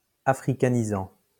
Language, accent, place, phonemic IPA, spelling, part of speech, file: French, France, Lyon, /a.fʁi.ka.ni.zɑ̃/, africanisant, verb, LL-Q150 (fra)-africanisant.wav
- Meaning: present participle of africaniser